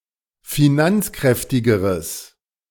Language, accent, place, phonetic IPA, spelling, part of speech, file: German, Germany, Berlin, [fiˈnant͡sˌkʁɛftɪɡəʁəs], finanzkräftigeres, adjective, De-finanzkräftigeres.ogg
- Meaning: strong/mixed nominative/accusative neuter singular comparative degree of finanzkräftig